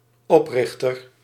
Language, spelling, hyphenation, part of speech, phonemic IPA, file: Dutch, oprichter, op‧rich‧ter, noun, /ˈɔprɪxtər/, Nl-oprichter.ogg
- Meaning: founder